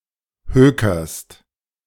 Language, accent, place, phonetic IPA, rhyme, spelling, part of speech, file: German, Germany, Berlin, [ˈhøːkɐst], -øːkɐst, hökerst, verb, De-hökerst.ogg
- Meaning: second-person singular present of hökern